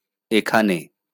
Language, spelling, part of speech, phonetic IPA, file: Bengali, এখানে, adverb, [ˈe.kʰa.ne], LL-Q9610 (ben)-এখানে.wav
- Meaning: here